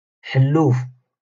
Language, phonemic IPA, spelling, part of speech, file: Moroccan Arabic, /ħal.luːf/, حلوف, noun, LL-Q56426 (ary)-حلوف.wav
- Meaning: pig